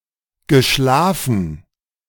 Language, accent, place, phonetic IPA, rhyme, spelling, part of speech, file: German, Germany, Berlin, [ɡəˈʃlaːfn̩], -aːfn̩, geschlafen, verb, De-geschlafen.ogg
- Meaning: past participle of schlafen